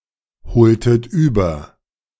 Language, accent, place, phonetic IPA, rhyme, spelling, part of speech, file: German, Germany, Berlin, [bəˈt͡sɔɪ̯ɡn̩dən], -ɔɪ̯ɡn̩dən, bezeugenden, adjective, De-bezeugenden.ogg
- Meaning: inflection of bezeugend: 1. strong genitive masculine/neuter singular 2. weak/mixed genitive/dative all-gender singular 3. strong/weak/mixed accusative masculine singular 4. strong dative plural